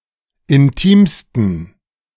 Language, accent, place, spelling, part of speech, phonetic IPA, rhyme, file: German, Germany, Berlin, intimsten, adjective, [ɪnˈtiːmstn̩], -iːmstn̩, De-intimsten.ogg
- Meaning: 1. superlative degree of intim 2. inflection of intim: strong genitive masculine/neuter singular superlative degree